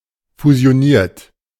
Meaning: 1. past participle of fusionieren 2. inflection of fusionieren: third-person singular present 3. inflection of fusionieren: second-person plural present 4. inflection of fusionieren: plural imperative
- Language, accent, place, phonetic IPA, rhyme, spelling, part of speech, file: German, Germany, Berlin, [fuzi̯oˈniːɐ̯t], -iːɐ̯t, fusioniert, verb, De-fusioniert.ogg